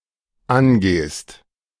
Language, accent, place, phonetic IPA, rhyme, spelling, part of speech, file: German, Germany, Berlin, [ˈanˌɡeːst], -anɡeːst, angehst, verb, De-angehst.ogg
- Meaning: second-person singular dependent present of angehen